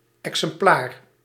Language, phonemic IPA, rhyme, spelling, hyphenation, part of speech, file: Dutch, /ˌɛk.səmˈplaːr/, -aːr, exemplaar, exem‧plaar, noun, Nl-exemplaar.ogg
- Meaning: 1. copy (printed edition) 2. sample; instance; specimen 3. example, model